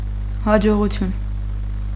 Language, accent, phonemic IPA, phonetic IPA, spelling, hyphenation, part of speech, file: Armenian, Eastern Armenian, /hɑd͡ʒoʁuˈtʰjun/, [hɑd͡ʒoʁut͡sʰjún], հաջողություն, հա‧ջո‧ղու‧թյուն, noun / interjection, Hy-հաջողություն.ogg
- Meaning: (noun) success; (interjection) 1. good luck 2. good bye